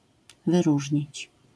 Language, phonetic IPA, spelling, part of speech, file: Polish, [vɨˈruʒʲɲit͡ɕ], wyróżnić, verb, LL-Q809 (pol)-wyróżnić.wav